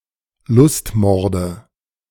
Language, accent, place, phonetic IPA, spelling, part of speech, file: German, Germany, Berlin, [ˈlʊstˌmɔʁdə], Lustmorde, noun, De-Lustmorde.ogg
- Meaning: nominative/accusative/genitive plural of Lustmord